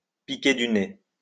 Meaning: 1. to nosedive, to take a nosedive 2. to nod off, to doze off, to fall asleep (to nosedive because one is falling asleep)
- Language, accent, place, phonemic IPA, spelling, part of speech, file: French, France, Lyon, /pi.ke dy ne/, piquer du nez, verb, LL-Q150 (fra)-piquer du nez.wav